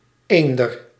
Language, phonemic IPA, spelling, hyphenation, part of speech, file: Dutch, /ˈeːn.dər/, eender, een‧der, adjective / adverb, Nl-eender.ogg
- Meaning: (adjective) same, alike, equal; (adverb) no matter, regardless of, anyway, anyhow